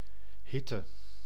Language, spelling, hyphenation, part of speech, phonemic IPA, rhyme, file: Dutch, hitte, hit‧te, noun, /ˈɦɪtə/, -ɪtə, Nl-hitte.ogg
- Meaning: heat (extreme warmth)